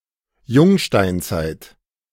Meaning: New Stone Age, Neolithic
- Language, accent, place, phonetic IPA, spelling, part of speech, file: German, Germany, Berlin, [ˈjʊŋʃtaɪ̯nˌt͡saɪ̯t], Jungsteinzeit, noun, De-Jungsteinzeit.ogg